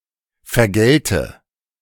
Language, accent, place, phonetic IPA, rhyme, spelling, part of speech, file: German, Germany, Berlin, [fɛɐ̯ˈɡɛltə], -ɛltə, vergelte, verb, De-vergelte.ogg
- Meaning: inflection of vergelten: 1. first-person singular present 2. first/third-person singular subjunctive I